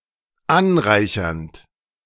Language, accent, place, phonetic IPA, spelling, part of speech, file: German, Germany, Berlin, [ˈanˌʁaɪ̯çɐnt], anreichernd, verb, De-anreichernd.ogg
- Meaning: present participle of anreichern